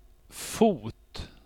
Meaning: 1. a foot (body part touching the ground while standing or walking) 2. a foot (part of something in contact with the underlying surface) 3. a foot (end opposite the head or the top)
- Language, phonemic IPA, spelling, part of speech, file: Swedish, /fuːt/, fot, noun, Sv-fot.ogg